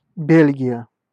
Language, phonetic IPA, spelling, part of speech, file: Russian, [ˈbʲelʲɡʲɪjə], Бельгия, proper noun, Ru-Бельгия.ogg
- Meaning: Belgium (a country in Western Europe that has borders with the Netherlands, Germany, Luxembourg and France)